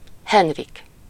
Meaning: a male given name, equivalent to English Henry
- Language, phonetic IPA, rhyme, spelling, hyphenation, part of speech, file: Hungarian, [ˈhɛnrik], -ik, Henrik, Hen‧rik, proper noun, Hu-Henrik.ogg